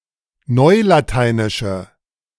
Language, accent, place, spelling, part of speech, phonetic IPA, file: German, Germany, Berlin, neulateinische, adjective, [ˈnɔɪ̯lataɪ̯nɪʃə], De-neulateinische.ogg
- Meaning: inflection of neulateinisch: 1. strong/mixed nominative/accusative feminine singular 2. strong nominative/accusative plural 3. weak nominative all-gender singular